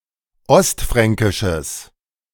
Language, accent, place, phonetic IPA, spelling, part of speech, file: German, Germany, Berlin, [ˈɔstˌfʁɛŋkɪʃəs], ostfränkisches, adjective, De-ostfränkisches.ogg
- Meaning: strong/mixed nominative/accusative neuter singular of ostfränkisch